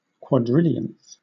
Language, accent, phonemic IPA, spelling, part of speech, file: English, Southern England, /kwɒdˈrɪl.i.ənθ/, quadrillionth, adjective / noun, LL-Q1860 (eng)-quadrillionth.wav
- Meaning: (adjective) The ordinal form of the number one quadrillion; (noun) 1. The person or thing in the quadrillionth position 2. One of a quadrillion equal parts of a whole